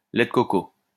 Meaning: coconut milk
- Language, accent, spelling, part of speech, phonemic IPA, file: French, France, lait de coco, noun, /lɛ d(ə) kɔ.ko/, LL-Q150 (fra)-lait de coco.wav